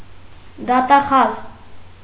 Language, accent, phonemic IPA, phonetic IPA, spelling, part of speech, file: Armenian, Eastern Armenian, /dɑtɑˈχɑz/, [dɑtɑχɑ́z], դատախազ, noun, Hy-դատախազ.ogg
- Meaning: prosecutor